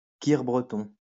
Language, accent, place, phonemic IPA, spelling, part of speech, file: French, France, Lyon, /kiʁ bʁə.tɔ̃/, kir breton, noun, LL-Q150 (fra)-kir breton.wav
- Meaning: a cocktail made with a measure of crème de cassis topped up with cider